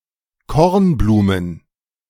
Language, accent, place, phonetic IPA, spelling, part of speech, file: German, Germany, Berlin, [ˈkɔʁnˌbluːmən], Kornblumen, noun, De-Kornblumen.ogg
- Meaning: plural of Kornblume